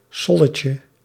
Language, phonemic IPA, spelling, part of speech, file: Dutch, /ˈsɔləcə/, solletje, noun, Nl-solletje.ogg
- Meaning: diminutive of sol